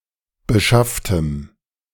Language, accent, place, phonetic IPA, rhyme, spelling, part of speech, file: German, Germany, Berlin, [bəˈʃaftəm], -aftəm, beschafftem, adjective, De-beschafftem.ogg
- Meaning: strong dative masculine/neuter singular of beschafft